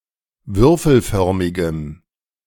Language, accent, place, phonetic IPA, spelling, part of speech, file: German, Germany, Berlin, [ˈvʏʁfl̩ˌfœʁmɪɡəm], würfelförmigem, adjective, De-würfelförmigem.ogg
- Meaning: strong dative masculine/neuter singular of würfelförmig